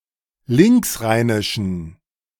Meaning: inflection of linksrheinisch: 1. strong genitive masculine/neuter singular 2. weak/mixed genitive/dative all-gender singular 3. strong/weak/mixed accusative masculine singular 4. strong dative plural
- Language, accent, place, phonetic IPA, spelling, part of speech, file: German, Germany, Berlin, [ˈlɪŋksˌʁaɪ̯nɪʃn̩], linksrheinischen, adjective, De-linksrheinischen.ogg